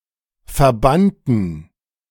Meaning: inflection of verbannen: 1. first/third-person plural preterite 2. first/third-person plural subjunctive II
- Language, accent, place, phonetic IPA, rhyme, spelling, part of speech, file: German, Germany, Berlin, [fɛɐ̯ˈbantn̩], -antn̩, verbannten, adjective / verb, De-verbannten.ogg